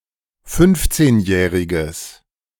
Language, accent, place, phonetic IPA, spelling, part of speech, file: German, Germany, Berlin, [ˈfʏnft͡seːnˌjɛːʁɪɡəs], fünfzehnjähriges, adjective, De-fünfzehnjähriges.ogg
- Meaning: strong/mixed nominative/accusative neuter singular of fünfzehnjährig